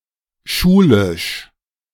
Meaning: scholarly
- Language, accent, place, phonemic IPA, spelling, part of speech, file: German, Germany, Berlin, /ˈʃuːlɪʃ/, schulisch, adjective, De-schulisch.ogg